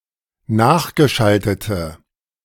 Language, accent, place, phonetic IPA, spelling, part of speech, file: German, Germany, Berlin, [ˈnaːxɡəˌʃaltətə], nachgeschaltete, adjective, De-nachgeschaltete.ogg
- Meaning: inflection of nachgeschaltet: 1. strong/mixed nominative/accusative feminine singular 2. strong nominative/accusative plural 3. weak nominative all-gender singular